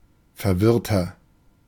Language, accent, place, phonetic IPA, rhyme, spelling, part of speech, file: German, Germany, Berlin, [fɛɐ̯ˈvɪʁtɐ], -ɪʁtɐ, verwirrter, adjective, De-verwirrter.ogg
- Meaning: 1. comparative degree of verwirrt 2. inflection of verwirrt: strong/mixed nominative masculine singular 3. inflection of verwirrt: strong genitive/dative feminine singular